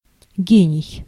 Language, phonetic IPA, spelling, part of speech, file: Russian, [ˈɡʲenʲɪj], гений, noun, Ru-гений.ogg
- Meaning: 1. a genius (someone possessing extraordinary mental capacity) 2. genius (extraordinary mental capacity) 3. genius, tutelary deity 4. embodiment, quintessence, spirit